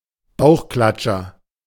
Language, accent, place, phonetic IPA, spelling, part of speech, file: German, Germany, Berlin, [ˈbaʊ̯xˌklat͡ʃɐ], Bauchklatscher, noun, De-Bauchklatscher.ogg
- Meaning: belly flop